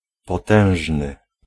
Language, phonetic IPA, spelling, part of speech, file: Polish, [pɔˈtɛ̃w̃ʒnɨ], potężny, adjective, Pl-potężny.ogg